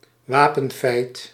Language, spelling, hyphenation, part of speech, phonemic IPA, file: Dutch, wapenfeit, wa‧pen‧feit, noun, /ˈʋaː.pə(n)ˌfɛi̯t/, Nl-wapenfeit.ogg
- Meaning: feat, exploit, achievement, in particular in battle